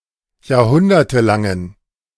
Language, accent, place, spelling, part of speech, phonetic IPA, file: German, Germany, Berlin, jahrhundertelangen, adjective, [jaːɐ̯ˈhʊndɐtəˌlaŋən], De-jahrhundertelangen.ogg
- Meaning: inflection of jahrhundertelang: 1. strong genitive masculine/neuter singular 2. weak/mixed genitive/dative all-gender singular 3. strong/weak/mixed accusative masculine singular